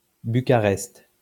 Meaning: Bucharest (the capital city of Romania)
- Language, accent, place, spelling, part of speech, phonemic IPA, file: French, France, Lyon, Bucarest, proper noun, /by.ka.ʁɛst/, LL-Q150 (fra)-Bucarest.wav